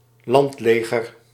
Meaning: ground forces, land army (division of the military that operates on land)
- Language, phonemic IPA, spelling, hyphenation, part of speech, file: Dutch, /ˈlɑntˌleː.ɣər/, landleger, land‧le‧ger, noun, Nl-landleger.ogg